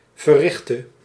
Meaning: singular present subjunctive of verrichten
- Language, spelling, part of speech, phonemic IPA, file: Dutch, verrichte, adjective / verb, /vəˈrɪxtə/, Nl-verrichte.ogg